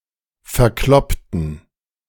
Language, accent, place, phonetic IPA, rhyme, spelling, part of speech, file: German, Germany, Berlin, [fɛɐ̯ˈklɔptn̩], -ɔptn̩, verkloppten, adjective / verb, De-verkloppten.ogg
- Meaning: inflection of verkloppen: 1. first/third-person plural preterite 2. first/third-person plural subjunctive II